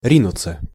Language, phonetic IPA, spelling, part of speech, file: Russian, [ˈrʲinʊt͡sə], ринуться, verb, Ru-ринуться.ogg
- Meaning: 1. to rush, to dash, to dart 2. to plunge (into) 3. passive of ри́нуть (rínutʹ)